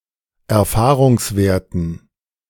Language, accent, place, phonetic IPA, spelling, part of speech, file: German, Germany, Berlin, [ɛɐ̯ˈfaːʁʊŋsˌveːɐ̯tn̩], Erfahrungswerten, noun, De-Erfahrungswerten.ogg
- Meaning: dative plural of Erfahrungswert